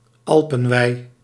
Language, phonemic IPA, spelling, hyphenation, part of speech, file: Dutch, /ˈɑl.pə(n)ˌʋɛi̯/, alpenwei, al‧pen‧wei, noun, Nl-alpenwei.ogg
- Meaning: alternative form of alpenweide